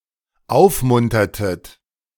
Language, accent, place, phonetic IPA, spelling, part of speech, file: German, Germany, Berlin, [ˈaʊ̯fˌmʊntɐtət], aufmuntertet, verb, De-aufmuntertet.ogg
- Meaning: inflection of aufmuntern: 1. second-person plural dependent preterite 2. second-person plural dependent subjunctive II